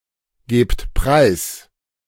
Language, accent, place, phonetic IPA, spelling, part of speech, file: German, Germany, Berlin, [ˌɡeːpt ˈpʁaɪ̯s], gebt preis, verb, De-gebt preis.ogg
- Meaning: inflection of preisgeben: 1. second-person plural present 2. plural imperative